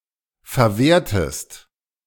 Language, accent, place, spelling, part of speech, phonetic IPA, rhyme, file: German, Germany, Berlin, verwertest, verb, [fɛɐ̯ˈveːɐ̯təst], -eːɐ̯təst, De-verwertest.ogg
- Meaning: inflection of verwerten: 1. second-person singular present 2. second-person singular subjunctive I